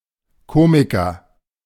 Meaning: comedian (male or of unspecified gender)
- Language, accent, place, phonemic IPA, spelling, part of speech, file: German, Germany, Berlin, /ˈkoːmikɐ/, Komiker, noun, De-Komiker.ogg